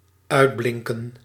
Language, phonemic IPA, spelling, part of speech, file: Dutch, /ˈœydblɪŋkə(n)/, uitblinken, verb, Nl-uitblinken.ogg
- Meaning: to excel, to shine